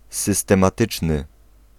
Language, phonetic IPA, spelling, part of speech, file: Polish, [ˌsɨstɛ̃maˈtɨt͡ʃnɨ], systematyczny, adjective, Pl-systematyczny.ogg